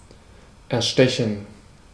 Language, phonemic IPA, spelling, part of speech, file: German, /ɛɐ̯ˈʃtɛçn̩/, erstechen, verb, De-erstechen.ogg
- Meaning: to stab to death